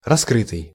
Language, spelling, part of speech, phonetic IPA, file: Russian, раскрытый, verb / adjective, [rɐˈskrɨtɨj], Ru-раскрытый.ogg
- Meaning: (verb) past passive perfective participle of раскры́ть (raskrýtʹ); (adjective) 1. open 2. exposed 3. detected, uncovered, disclosed